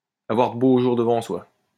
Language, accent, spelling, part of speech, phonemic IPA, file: French, France, avoir de beaux jours devant soi, verb, /a.vwaʁ də bo ʒuʁ də.vɑ̃ swa/, LL-Q150 (fra)-avoir de beaux jours devant soi.wav
- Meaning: to have fine days ahead; to have one's best days ahead of one, to have a bright future, to have a rosy future